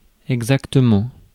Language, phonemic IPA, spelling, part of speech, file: French, /ɛɡ.zak.tə.mɑ̃/, exactement, adverb, Fr-exactement.ogg
- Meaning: exactly, quite